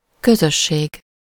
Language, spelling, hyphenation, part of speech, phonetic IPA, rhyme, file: Hungarian, közösség, kö‧zös‧ség, noun, [ˈkøzøʃːeːɡ], -eːɡ, Hu-közösség.ogg
- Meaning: 1. community 2. commonwealth